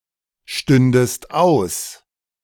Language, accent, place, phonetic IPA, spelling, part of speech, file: German, Germany, Berlin, [ˌʃtʏndəst ˈaʊ̯s], stündest aus, verb, De-stündest aus.ogg
- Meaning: second-person singular subjunctive II of ausstehen